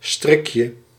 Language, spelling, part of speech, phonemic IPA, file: Dutch, strikje, noun, /ˈstrɪkjə/, Nl-strikje.ogg
- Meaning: diminutive of strik